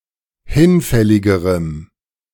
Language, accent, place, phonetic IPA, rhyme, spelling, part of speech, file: German, Germany, Berlin, [ˈhɪnˌfɛlɪɡəʁəm], -ɪnfɛlɪɡəʁəm, hinfälligerem, adjective, De-hinfälligerem.ogg
- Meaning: strong dative masculine/neuter singular comparative degree of hinfällig